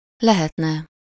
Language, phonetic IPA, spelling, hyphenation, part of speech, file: Hungarian, [ˈlɛhɛtnɛ], lehetne, le‧het‧ne, verb, Hu-lehetne.ogg
- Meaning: third-person singular conditional present indefinite of lehet, (he/she/it) could be, (it) would be possible